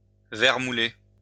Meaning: to grow worm-eaten
- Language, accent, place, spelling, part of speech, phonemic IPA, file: French, France, Lyon, vermouler, verb, /vɛʁ.mu.le/, LL-Q150 (fra)-vermouler.wav